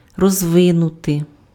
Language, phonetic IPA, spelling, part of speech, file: Ukrainian, [rɔzˈʋɪnʊte], розвинути, verb, Uk-розвинути.ogg
- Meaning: to develop, to evolve